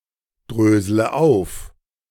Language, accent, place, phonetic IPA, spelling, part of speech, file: German, Germany, Berlin, [ˌdʁøːzlə ˈaʊ̯f], drösle auf, verb, De-drösle auf.ogg
- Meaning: inflection of aufdröseln: 1. first-person singular present 2. first/third-person singular subjunctive I 3. singular imperative